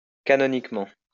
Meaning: canonically
- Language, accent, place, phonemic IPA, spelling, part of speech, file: French, France, Lyon, /ka.nɔ.nik.mɑ̃/, canoniquement, adverb, LL-Q150 (fra)-canoniquement.wav